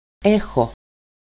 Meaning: 1. to have/hold, in the sense of holding (in one's possession) (a [legal/personal/possibly 'undesired']) property 2. to be (have/hold a property, characteristic) 3. to feel, have feelings
- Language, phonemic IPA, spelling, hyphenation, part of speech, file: Greek, /ˈexo/, έχω, έ‧χω, verb, El-έχω.ogg